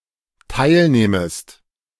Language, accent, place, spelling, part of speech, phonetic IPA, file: German, Germany, Berlin, teilnähmest, verb, [ˈtaɪ̯lˌnɛːməst], De-teilnähmest.ogg
- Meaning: second-person singular dependent subjunctive II of teilnehmen